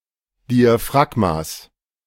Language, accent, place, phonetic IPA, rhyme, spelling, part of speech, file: German, Germany, Berlin, [ˌdiaˈfʁaɡmas], -aɡmas, Diaphragmas, noun, De-Diaphragmas.ogg
- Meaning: genitive singular of Diaphragma